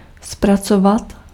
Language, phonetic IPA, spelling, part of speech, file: Czech, [ˈsprat͡sovat], zpracovat, verb, Cs-zpracovat.ogg
- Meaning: to process (computing)